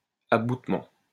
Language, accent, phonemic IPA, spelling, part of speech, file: French, France, /a.but.mɑ̃/, aboutement, noun, LL-Q150 (fra)-aboutement.wav
- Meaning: abutment, jointing